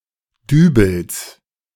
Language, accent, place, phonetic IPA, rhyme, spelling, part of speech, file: German, Germany, Berlin, [ˈdyːbl̩s], -yːbl̩s, Dübels, noun, De-Dübels.ogg
- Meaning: genitive singular of Dübel